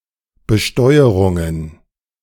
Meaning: plural of Besteuerung
- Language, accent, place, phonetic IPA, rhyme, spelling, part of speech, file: German, Germany, Berlin, [bəˈʃtɔɪ̯əʁʊŋən], -ɔɪ̯əʁʊŋən, Besteuerungen, noun, De-Besteuerungen.ogg